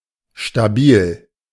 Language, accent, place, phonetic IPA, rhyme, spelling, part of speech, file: German, Germany, Berlin, [ʃtaˈbiːl], -iːl, stabil, adjective, De-stabil.ogg
- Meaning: 1. stable 2. dope, rad, fly